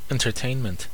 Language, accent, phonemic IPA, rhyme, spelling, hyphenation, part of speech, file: English, US, /ˌɛn.(t)ɚˈteɪn.mənt/, -eɪnmənt, entertainment, en‧ter‧tain‧ment, noun, En-us-entertainment1.ogg